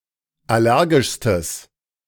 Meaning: strong/mixed nominative/accusative neuter singular superlative degree of allergisch
- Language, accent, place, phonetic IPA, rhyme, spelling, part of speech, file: German, Germany, Berlin, [ˌaˈlɛʁɡɪʃstəs], -ɛʁɡɪʃstəs, allergischstes, adjective, De-allergischstes.ogg